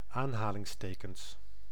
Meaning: plural of aanhalingsteken
- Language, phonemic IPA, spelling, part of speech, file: Dutch, /ˈanhalɪŋsˌtekəns/, aanhalingstekens, noun, Nl-aanhalingstekens.ogg